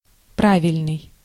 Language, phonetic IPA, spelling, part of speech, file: Russian, [ˈpravʲɪlʲnɨj], правильный, adjective, Ru-правильный.ogg
- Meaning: 1. right, correct 2. regular